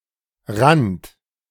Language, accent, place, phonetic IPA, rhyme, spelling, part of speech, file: German, Germany, Berlin, [ʁant], -ant, rannt, verb, De-rannt.ogg
- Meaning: second-person plural preterite of rinnen